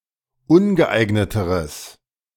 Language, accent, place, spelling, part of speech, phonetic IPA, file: German, Germany, Berlin, ungeeigneteres, adjective, [ˈʊnɡəˌʔaɪ̯ɡnətəʁəs], De-ungeeigneteres.ogg
- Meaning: strong/mixed nominative/accusative neuter singular comparative degree of ungeeignet